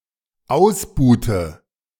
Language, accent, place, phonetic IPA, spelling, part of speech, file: German, Germany, Berlin, [ˈaʊ̯sˌbuːtə], ausbuhte, verb, De-ausbuhte.ogg
- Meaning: inflection of ausbuhen: 1. first/third-person singular dependent preterite 2. first/third-person singular dependent subjunctive II